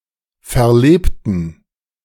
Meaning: inflection of verleben: 1. first/third-person plural preterite 2. first/third-person plural subjunctive II
- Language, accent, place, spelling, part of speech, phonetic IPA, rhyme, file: German, Germany, Berlin, verlebten, adjective / verb, [fɛɐ̯ˈleːptn̩], -eːptn̩, De-verlebten.ogg